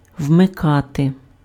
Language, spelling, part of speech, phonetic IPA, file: Ukrainian, вмикати, verb, [wmeˈkate], Uk-вмикати.ogg
- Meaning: 1. to switch on, to turn on (to turn a switch to the "on" position) 2. to enable (to activate a function of an electronic or mechanical device)